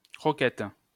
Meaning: 1. croquette (minced, cooked food which is then deep-fried) 2. kibble (grain for use as animal feed) 3. a beanpole (a skinny and unmuscular person)
- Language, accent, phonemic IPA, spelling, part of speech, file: French, France, /kʁɔ.kɛt/, croquette, noun, LL-Q150 (fra)-croquette.wav